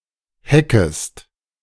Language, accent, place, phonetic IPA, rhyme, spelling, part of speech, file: German, Germany, Berlin, [ˈhɛkəst], -ɛkəst, heckest, verb, De-heckest.ogg
- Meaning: second-person singular subjunctive I of hecken